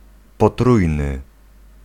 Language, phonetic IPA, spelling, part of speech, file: Polish, [pɔˈtrujnɨ], potrójny, adjective, Pl-potrójny.ogg